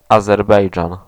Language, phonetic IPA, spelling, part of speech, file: Polish, [ˌazɛrˈbɛjd͡ʒãn], Azerbejdżan, proper noun / noun, Pl-Azerbejdżan.ogg